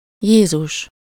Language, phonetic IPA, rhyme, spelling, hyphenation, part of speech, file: Hungarian, [ˈjeːzuʃ], -uʃ, Jézus, Jé‧zus, proper noun, Hu-Jézus.ogg
- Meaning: Jesus